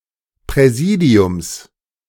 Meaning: genitive singular of Präsidium
- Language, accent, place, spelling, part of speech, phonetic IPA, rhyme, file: German, Germany, Berlin, Präsidiums, noun, [ˌpʁɛˈziːdi̯ʊms], -iːdi̯ʊms, De-Präsidiums.ogg